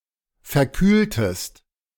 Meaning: inflection of verkühlen: 1. second-person singular preterite 2. second-person singular subjunctive II
- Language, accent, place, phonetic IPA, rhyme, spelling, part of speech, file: German, Germany, Berlin, [fɛɐ̯ˈkyːltəst], -yːltəst, verkühltest, verb, De-verkühltest.ogg